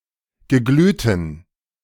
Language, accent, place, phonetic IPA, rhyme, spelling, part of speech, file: German, Germany, Berlin, [ɡəˈɡlyːtn̩], -yːtn̩, geglühten, adjective, De-geglühten.ogg
- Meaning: inflection of geglüht: 1. strong genitive masculine/neuter singular 2. weak/mixed genitive/dative all-gender singular 3. strong/weak/mixed accusative masculine singular 4. strong dative plural